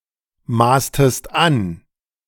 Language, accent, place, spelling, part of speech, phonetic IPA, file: German, Germany, Berlin, maßtest an, verb, [ˌmaːstəst ˈan], De-maßtest an.ogg
- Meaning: inflection of anmaßen: 1. second-person singular preterite 2. second-person singular subjunctive II